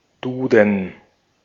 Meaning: A dictionary of the German language, first published by Konrad Duden in 1880
- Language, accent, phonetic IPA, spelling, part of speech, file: German, Austria, [ˈduːd̚n̩], Duden, noun, De-at-Duden.ogg